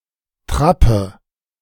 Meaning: bustard
- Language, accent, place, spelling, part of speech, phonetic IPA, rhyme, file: German, Germany, Berlin, Trappe, noun, [ˈtʁapə], -apə, De-Trappe.ogg